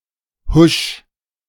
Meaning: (interjection) whoosh (sound of something moving at high speed); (verb) 1. singular imperative of huschen 2. first-person singular present of huschen
- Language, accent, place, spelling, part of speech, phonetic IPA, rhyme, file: German, Germany, Berlin, husch, verb, [hʊʃ], -ʊʃ, De-husch.ogg